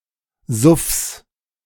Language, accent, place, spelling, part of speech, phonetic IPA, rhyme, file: German, Germany, Berlin, Suffs, noun, [zʊfs], -ʊfs, De-Suffs.ogg
- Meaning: genitive singular of Suff